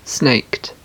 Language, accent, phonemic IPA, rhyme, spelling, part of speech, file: English, UK, /sneɪkt/, -eɪkt, snaked, verb, En-uk-snaked.ogg
- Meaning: simple past and past participle of snake